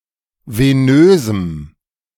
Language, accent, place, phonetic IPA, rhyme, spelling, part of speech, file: German, Germany, Berlin, [veˈnøːzm̩], -øːzm̩, venösem, adjective, De-venösem.ogg
- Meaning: strong dative masculine/neuter singular of venös